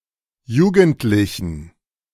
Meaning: genitive singular of Jugendliche
- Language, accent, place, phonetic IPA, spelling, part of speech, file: German, Germany, Berlin, [ˈjuːɡəntlɪçn̩], Jugendlichen, noun, De-Jugendlichen.ogg